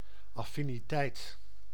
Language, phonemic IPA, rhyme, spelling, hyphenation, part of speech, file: Dutch, /ˌɑ.fi.niˈtɛi̯t/, -ɛi̯t, affiniteit, af‧fi‧ni‧teit, noun, Nl-affiniteit.ogg
- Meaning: affinity